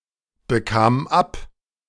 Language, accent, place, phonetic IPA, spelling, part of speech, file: German, Germany, Berlin, [bəˌkaːm ˈap], bekam ab, verb, De-bekam ab.ogg
- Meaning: first/third-person singular preterite of abbekommen